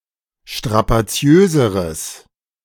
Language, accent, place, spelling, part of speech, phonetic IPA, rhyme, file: German, Germany, Berlin, strapaziöseres, adjective, [ʃtʁapaˈt͡si̯øːzəʁəs], -øːzəʁəs, De-strapaziöseres.ogg
- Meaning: strong/mixed nominative/accusative neuter singular comparative degree of strapaziös